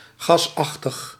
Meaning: 1. gaseous (i.e. in the gaseous state) 2. gaslike, resembling a gas
- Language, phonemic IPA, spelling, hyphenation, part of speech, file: Dutch, /ˌɣɑsˈɑx.təx/, gasachtig, gas‧ach‧tig, adjective, Nl-gasachtig.ogg